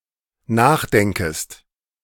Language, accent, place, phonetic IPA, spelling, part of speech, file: German, Germany, Berlin, [ˈnaːxˌdɛŋkəst], nachdenkest, verb, De-nachdenkest.ogg
- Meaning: second-person singular dependent subjunctive I of nachdenken